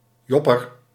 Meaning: duffel coat
- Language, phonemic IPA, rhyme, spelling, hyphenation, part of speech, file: Dutch, /ˈjɔ.pər/, -ɔpər, jopper, jop‧per, noun, Nl-jopper.ogg